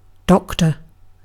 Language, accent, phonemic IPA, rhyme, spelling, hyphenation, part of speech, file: English, UK, /ˈdɒktə(ɹ)/, -ɒktə(ɹ), doctor, doc‧tor, noun / verb, En-uk-doctor.ogg